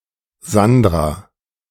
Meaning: a female given name from Italian, popular in Germany around 1965 – 1990, equivalent to English Sandra
- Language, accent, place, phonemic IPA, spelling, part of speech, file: German, Germany, Berlin, /ˈzandʁa/, Sandra, proper noun, De-Sandra.ogg